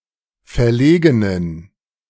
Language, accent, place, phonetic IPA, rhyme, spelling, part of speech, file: German, Germany, Berlin, [fɛɐ̯ˈleːɡənən], -eːɡənən, verlegenen, adjective, De-verlegenen.ogg
- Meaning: inflection of verlegen: 1. strong genitive masculine/neuter singular 2. weak/mixed genitive/dative all-gender singular 3. strong/weak/mixed accusative masculine singular 4. strong dative plural